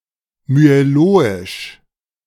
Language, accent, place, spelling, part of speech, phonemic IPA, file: German, Germany, Berlin, myeloisch, adjective, /myeˈloːɪʃ/, De-myeloisch.ogg
- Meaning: myeloid